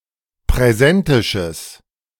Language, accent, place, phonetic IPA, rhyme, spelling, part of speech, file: German, Germany, Berlin, [pʁɛˈzɛntɪʃəs], -ɛntɪʃəs, präsentisches, adjective, De-präsentisches.ogg
- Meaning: strong/mixed nominative/accusative neuter singular of präsentisch